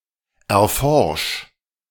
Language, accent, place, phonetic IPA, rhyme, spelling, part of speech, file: German, Germany, Berlin, [ɛɐ̯ˈfɔʁʃ], -ɔʁʃ, erforsch, verb, De-erforsch.ogg
- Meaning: 1. singular imperative of erforschen 2. first-person singular present of erforschen